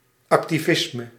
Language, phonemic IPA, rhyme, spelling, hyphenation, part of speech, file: Dutch, /ˌɑk.tiˈvɪs.mə/, -ɪsmə, activisme, ac‧ti‧vis‧me, noun, Nl-activisme.ogg
- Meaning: 1. activism 2. a Flemish nationalist tendency that cooperated with the occupying German Empire during the First World War